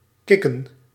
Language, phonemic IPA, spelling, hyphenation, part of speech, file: Dutch, /ˈkɪ.kə(n)/, kicken, kic‧ken, verb / adjective, Nl-kicken.ogg
- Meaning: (verb) 1. to get a kick out of 2. kick (remove someone from an online activity); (adjective) cool, awesome